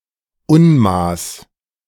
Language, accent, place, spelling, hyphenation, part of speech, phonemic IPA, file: German, Germany, Berlin, Unmaß, Un‧maß, noun, /ˈʊnˌmaːs/, De-Unmaß.ogg
- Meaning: excessive amount, too great amount